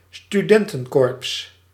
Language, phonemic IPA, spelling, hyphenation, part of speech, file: Dutch, /styˈdɛn.tə(n)ˌkoːr/, studentencorps, stu‧den‧ten‧corps, noun, Nl-studentencorps.ogg
- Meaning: student society, especially a traditional and hierarchical one